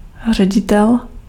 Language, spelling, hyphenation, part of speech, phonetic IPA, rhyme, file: Czech, ředitel, ře‧di‧tel, noun, [ˈr̝ɛɟɪtɛl], -ɪtɛl, Cs-ředitel.ogg
- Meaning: 1. director (manager, not of film) 2. principal, headmaster, headteacher (the chief administrator of a school)